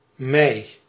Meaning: May
- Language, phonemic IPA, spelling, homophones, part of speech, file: Dutch, /mɛi̯/, mei, mij, noun, Nl-mei.ogg